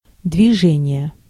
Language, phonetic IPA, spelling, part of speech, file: Russian, [dvʲɪˈʐɛnʲɪje], движение, noun, Ru-движение.ogg
- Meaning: 1. movement, motion, stirring (also social and political) 2. traffic 3. light gymnastics